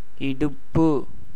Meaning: hip, waist, side
- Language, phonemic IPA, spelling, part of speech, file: Tamil, /ɪɖʊpːɯ/, இடுப்பு, noun, Ta-இடுப்பு.ogg